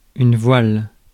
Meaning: 1. veil 2. sail 3. sailing
- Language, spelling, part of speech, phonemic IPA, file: French, voile, noun, /vwal/, Fr-voile.ogg